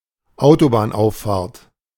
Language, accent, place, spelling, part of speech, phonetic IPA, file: German, Germany, Berlin, Autobahnauffahrt, noun, [ˈaʊ̯tobaːnˌʔaʊ̯ffaːɐ̯t], De-Autobahnauffahrt.ogg
- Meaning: on-ramp